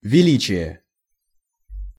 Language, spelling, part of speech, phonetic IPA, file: Russian, величие, noun, [vʲɪˈlʲit͡ɕɪje], Ru-величие.ogg
- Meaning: grandeur; greatness